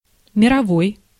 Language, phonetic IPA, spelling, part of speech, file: Russian, [mʲɪrɐˈvoj], мировой, adjective / noun, Ru-мировой.ogg
- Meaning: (adjective) 1. world; global, worldwide 2. first-rate, first-class, great 3. resolved by settlement rather than trial 4. petty (related to minor civil and criminal cases)